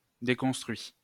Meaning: 1. past participle of déconstruire 2. third-person singular present indicative of déconstruire
- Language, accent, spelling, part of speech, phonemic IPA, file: French, France, déconstruit, verb, /de.kɔ̃s.tʁɥi/, LL-Q150 (fra)-déconstruit.wav